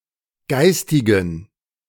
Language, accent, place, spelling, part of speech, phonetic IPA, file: German, Germany, Berlin, geistigen, adjective, [ˈɡaɪ̯stɪɡn̩], De-geistigen.ogg
- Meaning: inflection of geistig: 1. strong genitive masculine/neuter singular 2. weak/mixed genitive/dative all-gender singular 3. strong/weak/mixed accusative masculine singular 4. strong dative plural